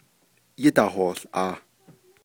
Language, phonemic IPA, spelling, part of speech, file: Navajo, /jɪ́tɑ̀hòːɬʔɑ̀ːh/, yídahoołʼaah, verb, Nv-yídahoołʼaah.ogg
- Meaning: third-person plural imperfective of yíhoołʼaah